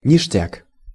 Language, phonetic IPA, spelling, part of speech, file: Russian, [nʲɪʂˈtʲak], ништяк, noun / adjective, Ru-ништяк.ogg
- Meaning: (noun) 1. tasty (mostly sweet) food; cookie 2. food that has been thrown away but is going to be eaten by someone else (mostly due to lack of money and not proper freeganism)